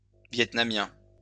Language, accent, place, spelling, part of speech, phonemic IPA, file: French, France, Lyon, vietnamiens, adjective, /vjɛt.na.mjɛ̃/, LL-Q150 (fra)-vietnamiens.wav
- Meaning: masculine plural of vietnamien